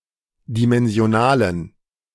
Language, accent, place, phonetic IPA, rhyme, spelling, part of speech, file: German, Germany, Berlin, [dimɛnzi̯oˈnaːlən], -aːlən, dimensionalen, adjective, De-dimensionalen.ogg
- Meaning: inflection of dimensional: 1. strong genitive masculine/neuter singular 2. weak/mixed genitive/dative all-gender singular 3. strong/weak/mixed accusative masculine singular 4. strong dative plural